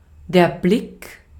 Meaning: 1. glance, look 2. view
- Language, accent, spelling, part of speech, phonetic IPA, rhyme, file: German, Austria, Blick, noun, [blɪk], -ɪk, De-at-Blick.ogg